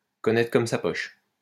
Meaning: to know like the back of one's hand, to know backwards, to know inside and out
- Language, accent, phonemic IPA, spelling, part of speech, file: French, France, /kɔ.nɛ.tʁə kɔm sa pɔʃ/, connaître comme sa poche, verb, LL-Q150 (fra)-connaître comme sa poche.wav